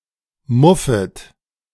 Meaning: second-person plural subjunctive I of muffen
- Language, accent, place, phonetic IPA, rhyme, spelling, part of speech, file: German, Germany, Berlin, [ˈmʊfət], -ʊfət, muffet, verb, De-muffet.ogg